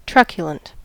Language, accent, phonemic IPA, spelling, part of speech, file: English, US, /ˈtɹʌk.jə.lənt/, truculent, adjective, En-us-truculent.ogg
- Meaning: 1. Cruel or savage 2. Defiant or uncompromising 3. Eager or quick to argue, fight or start a conflict 4. Violent; rude; scathing; savage; harsh 5. Destructive; deadly